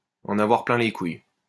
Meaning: to be fed up
- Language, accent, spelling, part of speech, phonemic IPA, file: French, France, en avoir plein les couilles, verb, /ɑ̃.n‿a.vwaʁ plɛ̃ le kuj/, LL-Q150 (fra)-en avoir plein les couilles.wav